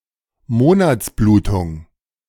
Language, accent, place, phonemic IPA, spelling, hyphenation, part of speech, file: German, Germany, Berlin, /ˈmoːna(ː)tsˌbluːtʊŋ/, Monatsblutung, Mo‧nats‧blu‧tung, noun, De-Monatsblutung.ogg
- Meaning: menstruation